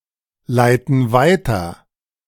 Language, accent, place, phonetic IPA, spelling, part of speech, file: German, Germany, Berlin, [ˌlaɪ̯tn̩ ˈvaɪ̯tɐ], leiten weiter, verb, De-leiten weiter.ogg
- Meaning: inflection of weiterleiten: 1. first/third-person plural present 2. first/third-person plural subjunctive I